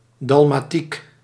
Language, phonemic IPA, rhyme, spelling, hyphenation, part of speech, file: Dutch, /ˌdɑl.maːˈtik/, -ik, dalmatiek, dal‧ma‧tiek, noun, Nl-dalmatiek.ogg
- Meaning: a dalmatic, notably as Catholic liturgic vestment